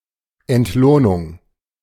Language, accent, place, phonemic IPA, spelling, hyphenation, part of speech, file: German, Germany, Berlin, /ɛntˈloːnʊŋ/, Entlohnung, Ent‧loh‧nung, noun, De-Entlohnung.ogg
- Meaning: payment, remuneration